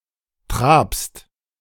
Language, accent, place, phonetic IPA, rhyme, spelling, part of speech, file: German, Germany, Berlin, [tʁaːpst], -aːpst, trabst, verb, De-trabst.ogg
- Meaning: second-person singular present of traben